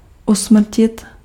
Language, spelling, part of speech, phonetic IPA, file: Czech, usmrtit, verb, [ˈusmr̩cɪt], Cs-usmrtit.ogg
- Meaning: to kill